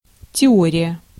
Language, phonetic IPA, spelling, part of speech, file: Russian, [tʲɪˈorʲɪjə], теория, noun, Ru-теория.ogg
- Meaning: theory